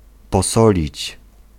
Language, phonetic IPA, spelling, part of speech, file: Polish, [pɔˈsɔlʲit͡ɕ], posolić, verb, Pl-posolić.ogg